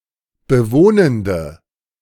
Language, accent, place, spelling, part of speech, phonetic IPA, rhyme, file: German, Germany, Berlin, bewohnende, adjective, [bəˈvoːnəndə], -oːnəndə, De-bewohnende.ogg
- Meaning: inflection of bewohnend: 1. strong/mixed nominative/accusative feminine singular 2. strong nominative/accusative plural 3. weak nominative all-gender singular